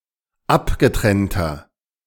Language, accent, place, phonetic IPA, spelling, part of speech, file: German, Germany, Berlin, [ˈapɡəˌtʁɛntɐ], abgetrennter, adjective, De-abgetrennter.ogg
- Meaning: inflection of abgetrennt: 1. strong/mixed nominative masculine singular 2. strong genitive/dative feminine singular 3. strong genitive plural